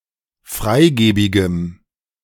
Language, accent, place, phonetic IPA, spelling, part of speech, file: German, Germany, Berlin, [ˈfʁaɪ̯ˌɡeːbɪɡəm], freigebigem, adjective, De-freigebigem.ogg
- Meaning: strong dative masculine/neuter singular of freigebig